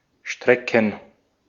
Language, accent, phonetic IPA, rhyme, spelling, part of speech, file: German, Austria, [ˈʃtʁɛkn̩], -ɛkn̩, Strecken, noun, De-at-Strecken.ogg
- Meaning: plural of Strecke